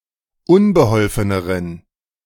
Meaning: inflection of unbeholfen: 1. strong genitive masculine/neuter singular comparative degree 2. weak/mixed genitive/dative all-gender singular comparative degree
- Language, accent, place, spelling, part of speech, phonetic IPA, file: German, Germany, Berlin, unbeholfeneren, adjective, [ˈʊnbəˌhɔlfənəʁən], De-unbeholfeneren.ogg